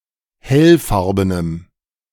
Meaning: strong dative masculine/neuter singular of hellfarben
- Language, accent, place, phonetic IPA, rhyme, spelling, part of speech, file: German, Germany, Berlin, [ˈhɛlˌfaʁbənəm], -ɛlfaʁbənəm, hellfarbenem, adjective, De-hellfarbenem.ogg